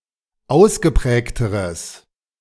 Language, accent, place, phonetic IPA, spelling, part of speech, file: German, Germany, Berlin, [ˈaʊ̯sɡəˌpʁɛːktəʁəs], ausgeprägteres, adjective, De-ausgeprägteres.ogg
- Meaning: strong/mixed nominative/accusative neuter singular comparative degree of ausgeprägt